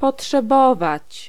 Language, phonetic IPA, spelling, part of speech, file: Polish, [ˌpɔṭʃɛˈbɔvat͡ɕ], potrzebować, verb, Pl-potrzebować.ogg